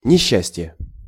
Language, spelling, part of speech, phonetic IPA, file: Russian, несчастье, noun, [nʲɪˈɕːæsʲtʲje], Ru-несчастье.ogg
- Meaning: 1. misfortune, bad luck 2. unhappiness